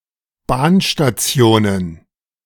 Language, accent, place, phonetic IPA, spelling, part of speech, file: German, Germany, Berlin, [ˈbaːnʃtaˌt͡si̯oːnən], Bahnstationen, noun, De-Bahnstationen.ogg
- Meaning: plural of Bahnstation